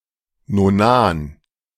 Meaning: nonane
- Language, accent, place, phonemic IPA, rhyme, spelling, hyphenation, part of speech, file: German, Germany, Berlin, /noˈnaːn/, -aːn, Nonan, No‧nan, noun, De-Nonan.ogg